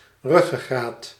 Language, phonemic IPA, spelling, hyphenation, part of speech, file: Dutch, /ˈrʏ.ɣəˌɣraːt/, ruggegraat, rug‧ge‧graat, noun, Nl-ruggegraat.ogg
- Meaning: superseded spelling of ruggengraat